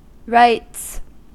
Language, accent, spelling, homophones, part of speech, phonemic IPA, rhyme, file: English, US, rites, rights / writes, noun, /ɹaɪts/, -aɪts, En-us-rites.ogg
- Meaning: plural of rite